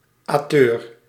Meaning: -ator
- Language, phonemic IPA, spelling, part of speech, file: Dutch, /aːˈtøːr/, -ateur, suffix, Nl--ateur.ogg